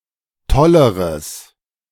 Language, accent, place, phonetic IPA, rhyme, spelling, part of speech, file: German, Germany, Berlin, [ˈtɔləʁəs], -ɔləʁəs, tolleres, adjective, De-tolleres.ogg
- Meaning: strong/mixed nominative/accusative neuter singular comparative degree of toll